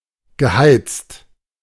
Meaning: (verb) past participle of heizen; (adjective) heated
- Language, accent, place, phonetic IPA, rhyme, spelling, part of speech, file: German, Germany, Berlin, [ɡəˈhaɪ̯t͡st], -aɪ̯t͡st, geheizt, verb, De-geheizt.ogg